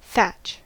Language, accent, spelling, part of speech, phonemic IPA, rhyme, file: English, US, thatch, noun / verb, /θæt͡ʃ/, -ætʃ, En-us-thatch.ogg
- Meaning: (noun) 1. Straw, rushes, or similar, used for making or covering the roofs of buildings, or of stacks of hay or grain 2. Any of several kinds of palm, the leaves of which are used for thatching